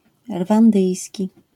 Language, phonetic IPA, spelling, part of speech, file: Polish, [rvãnˈdɨjsʲci], rwandyjski, adjective, LL-Q809 (pol)-rwandyjski.wav